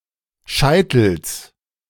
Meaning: genitive of Scheitel
- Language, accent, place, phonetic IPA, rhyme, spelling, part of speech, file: German, Germany, Berlin, [ˈʃaɪ̯tl̩s], -aɪ̯tl̩s, Scheitels, noun, De-Scheitels.ogg